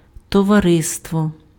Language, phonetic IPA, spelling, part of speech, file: Ukrainian, [tɔʋɐˈrɪstwɔ], товариство, noun, Uk-товариство.ogg
- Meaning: 1. informal group of people with a common purpose: partnership, fellowship, company, camaraderie 2. institution that is a corporate person: association, society, company